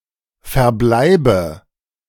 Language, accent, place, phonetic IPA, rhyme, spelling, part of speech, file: German, Germany, Berlin, [fɛɐ̯ˈblaɪ̯bə], -aɪ̯bə, verbleibe, verb, De-verbleibe.ogg
- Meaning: inflection of verbleiben: 1. first-person singular present 2. first/third-person singular subjunctive I 3. singular imperative